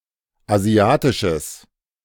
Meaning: strong/mixed nominative/accusative neuter singular of asiatisch
- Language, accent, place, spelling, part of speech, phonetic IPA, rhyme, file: German, Germany, Berlin, asiatisches, adjective, [aˈzi̯aːtɪʃəs], -aːtɪʃəs, De-asiatisches.ogg